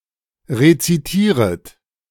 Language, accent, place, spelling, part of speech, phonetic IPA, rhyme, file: German, Germany, Berlin, rezitieret, verb, [ʁet͡siˈtiːʁət], -iːʁət, De-rezitieret.ogg
- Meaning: second-person plural subjunctive I of rezitieren